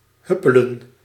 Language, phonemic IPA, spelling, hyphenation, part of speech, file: Dutch, /ˈhʏpələ(n)/, huppelen, hup‧pe‧len, verb, Nl-huppelen.ogg
- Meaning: to skip, to frisk, to gambol (to move by hopping on alternate feet)